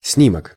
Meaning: photo, photograph, picture, snapshot
- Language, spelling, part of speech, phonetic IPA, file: Russian, снимок, noun, [ˈsnʲimək], Ru-снимок.ogg